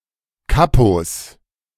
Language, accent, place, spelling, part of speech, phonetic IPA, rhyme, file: German, Germany, Berlin, Kapos, noun, [ˈkapos], -apos, De-Kapos.ogg
- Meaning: 1. genitive singular of Kapo 2. plural of Kapo